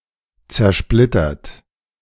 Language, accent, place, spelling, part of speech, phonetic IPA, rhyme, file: German, Germany, Berlin, zersplittert, adjective / verb, [t͡sɛɐ̯ˈʃplɪtɐt], -ɪtɐt, De-zersplittert.ogg
- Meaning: 1. past participle of zersplittern 2. inflection of zersplittern: third-person singular present 3. inflection of zersplittern: second-person plural present